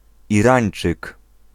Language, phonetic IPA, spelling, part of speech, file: Polish, [iˈrãj̃n͇t͡ʃɨk], Irańczyk, noun, Pl-Irańczyk.ogg